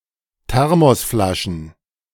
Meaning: plural of Thermosflasche
- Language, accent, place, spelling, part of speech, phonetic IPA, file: German, Germany, Berlin, Thermosflaschen, noun, [ˈtɛʁmɔsˌflaʃn̩], De-Thermosflaschen.ogg